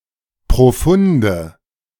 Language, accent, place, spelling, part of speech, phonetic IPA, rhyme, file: German, Germany, Berlin, profunde, adjective, [pʁoˈfʊndə], -ʊndə, De-profunde.ogg
- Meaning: inflection of profund: 1. strong/mixed nominative/accusative feminine singular 2. strong nominative/accusative plural 3. weak nominative all-gender singular 4. weak accusative feminine/neuter singular